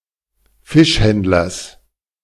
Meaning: genitive of Fischhändler
- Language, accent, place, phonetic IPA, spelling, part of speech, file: German, Germany, Berlin, [ˈfɪʃˌhɛndlɐs], Fischhändlers, noun, De-Fischhändlers.ogg